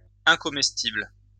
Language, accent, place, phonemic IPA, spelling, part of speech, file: French, France, Lyon, /ɛ̃.kɔ.mɛs.tibl/, incomestible, adjective, LL-Q150 (fra)-incomestible.wav
- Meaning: inedible